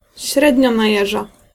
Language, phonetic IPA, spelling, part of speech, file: Polish, [ˈɕrɛdʲɲɔ na‿ˈjɛʒa], średnio na jeża, adverbial phrase, Pl-średnio na jeża.ogg